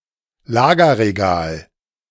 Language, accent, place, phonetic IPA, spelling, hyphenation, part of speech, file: German, Germany, Berlin, [ˈlaːɡɐʁeˌɡaːl], Lagerregal, La‧ger‧re‧gal, noun, De-Lagerregal.ogg
- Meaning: storage rack